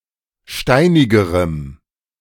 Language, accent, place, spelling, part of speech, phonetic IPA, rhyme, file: German, Germany, Berlin, steinigerem, adjective, [ˈʃtaɪ̯nɪɡəʁəm], -aɪ̯nɪɡəʁəm, De-steinigerem.ogg
- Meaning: strong dative masculine/neuter singular comparative degree of steinig